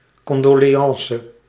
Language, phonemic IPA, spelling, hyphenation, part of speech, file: Dutch, /ˌkɔn.doː.leːˈɑn.sə/, condoleance, con‧do‧le‧an‧ce, noun, Nl-condoleance.ogg
- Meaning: condolence